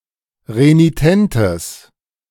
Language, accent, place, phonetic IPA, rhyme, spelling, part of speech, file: German, Germany, Berlin, [ʁeniˈtɛntəs], -ɛntəs, renitentes, adjective, De-renitentes.ogg
- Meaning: strong/mixed nominative/accusative neuter singular of renitent